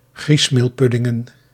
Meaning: plural of griesmeelpudding
- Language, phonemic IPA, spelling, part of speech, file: Dutch, /ˈɣrismelˌpʏdɪŋə(n)/, griesmeelpuddingen, noun, Nl-griesmeelpuddingen.ogg